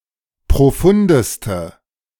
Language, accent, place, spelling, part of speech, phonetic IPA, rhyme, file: German, Germany, Berlin, profundeste, adjective, [pʁoˈfʊndəstə], -ʊndəstə, De-profundeste.ogg
- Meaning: inflection of profund: 1. strong/mixed nominative/accusative feminine singular superlative degree 2. strong nominative/accusative plural superlative degree